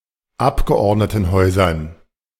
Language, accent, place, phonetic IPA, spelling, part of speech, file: German, Germany, Berlin, [ˈapɡəʔɔʁdnətn̩ˌhɔɪ̯zɐn], Abgeordnetenhäusern, noun, De-Abgeordnetenhäusern.ogg
- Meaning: dative plural of Abgeordnetenhaus